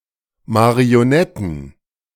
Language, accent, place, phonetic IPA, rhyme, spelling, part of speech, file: German, Germany, Berlin, [maʁioˈnɛtn̩], -ɛtn̩, Marionetten, noun, De-Marionetten.ogg
- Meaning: plural of Marionette